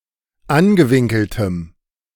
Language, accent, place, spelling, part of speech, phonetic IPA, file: German, Germany, Berlin, angewinkeltem, adjective, [ˈanɡəˌvɪŋkl̩təm], De-angewinkeltem.ogg
- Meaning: strong dative masculine/neuter singular of angewinkelt